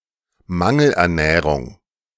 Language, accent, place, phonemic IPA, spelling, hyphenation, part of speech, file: German, Germany, Berlin, /ˈmaŋl̩ʔɛɐ̯ˌnɛːʁʊŋ/, Mangelernährung, Man‧gel‧er‧näh‧rung, noun, De-Mangelernährung.ogg
- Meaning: malnutrition